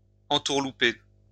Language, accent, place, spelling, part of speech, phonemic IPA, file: French, France, Lyon, entourlouper, verb, /ɑ̃.tuʁ.lu.pe/, LL-Q150 (fra)-entourlouper.wav
- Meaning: to swindle; dupe; hoodwink